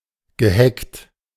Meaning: past participle of hecken
- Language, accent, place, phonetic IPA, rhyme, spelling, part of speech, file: German, Germany, Berlin, [ɡəˈhɛkt], -ɛkt, geheckt, verb, De-geheckt.ogg